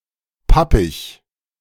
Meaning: 1. mashy, moist, sticky 2. not crisp and lacking flavour; tasting old
- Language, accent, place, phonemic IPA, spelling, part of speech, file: German, Germany, Berlin, /ˈpapɪç/, pappig, adjective, De-pappig.ogg